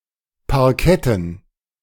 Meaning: dative plural of Parkett
- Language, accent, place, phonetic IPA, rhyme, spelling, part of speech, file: German, Germany, Berlin, [paʁˈkɛtn̩], -ɛtn̩, Parketten, noun, De-Parketten.ogg